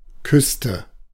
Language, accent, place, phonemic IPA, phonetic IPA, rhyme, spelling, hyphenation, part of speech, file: German, Germany, Berlin, /ˈkʏstə/, [ˈkʰʏs.tə], -ʏstə, Küste, Küs‧te, noun, De-Küste.ogg
- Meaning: coast